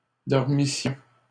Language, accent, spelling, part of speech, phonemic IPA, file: French, Canada, dormissions, verb, /dɔʁ.mi.sjɔ̃/, LL-Q150 (fra)-dormissions.wav
- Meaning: first-person plural imperfect subjunctive of dormir